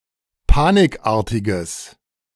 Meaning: strong/mixed nominative/accusative neuter singular of panikartig
- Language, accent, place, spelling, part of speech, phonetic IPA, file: German, Germany, Berlin, panikartiges, adjective, [ˈpaːnɪkˌʔaːɐ̯tɪɡəs], De-panikartiges.ogg